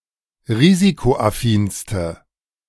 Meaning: inflection of risikoaffin: 1. strong/mixed nominative/accusative feminine singular superlative degree 2. strong nominative/accusative plural superlative degree
- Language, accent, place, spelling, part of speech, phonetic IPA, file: German, Germany, Berlin, risikoaffinste, adjective, [ˈʁiːzikoʔaˌfiːnstə], De-risikoaffinste.ogg